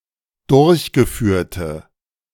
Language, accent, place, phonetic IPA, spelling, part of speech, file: German, Germany, Berlin, [ˈdʊʁçɡəˌfyːɐ̯tə], durchgeführte, adjective, De-durchgeführte.ogg
- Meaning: inflection of durchgeführt: 1. strong/mixed nominative/accusative feminine singular 2. strong nominative/accusative plural 3. weak nominative all-gender singular